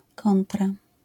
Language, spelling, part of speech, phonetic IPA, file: Polish, kontra, noun / preposition, [ˈkɔ̃ntra], LL-Q809 (pol)-kontra.wav